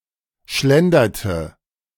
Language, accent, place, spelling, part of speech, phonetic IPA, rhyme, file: German, Germany, Berlin, schlenderte, verb, [ˈʃlɛndɐtə], -ɛndɐtə, De-schlenderte.ogg
- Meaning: inflection of schlendern: 1. first/third-person singular preterite 2. first/third-person singular subjunctive II